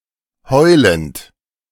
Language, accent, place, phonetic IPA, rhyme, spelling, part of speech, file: German, Germany, Berlin, [ˈhɔɪ̯lənt], -ɔɪ̯lənt, heulend, verb, De-heulend.ogg
- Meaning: present participle of heulen